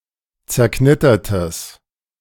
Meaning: strong/mixed nominative/accusative neuter singular of zerknittert
- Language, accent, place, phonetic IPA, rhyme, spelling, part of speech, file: German, Germany, Berlin, [t͡sɛɐ̯ˈknɪtɐtəs], -ɪtɐtəs, zerknittertes, adjective, De-zerknittertes.ogg